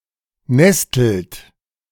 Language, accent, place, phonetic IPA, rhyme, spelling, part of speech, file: German, Germany, Berlin, [ˈnɛstl̩t], -ɛstl̩t, nestelt, verb, De-nestelt.ogg
- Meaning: inflection of nesteln: 1. second-person plural present 2. third-person singular present 3. plural imperative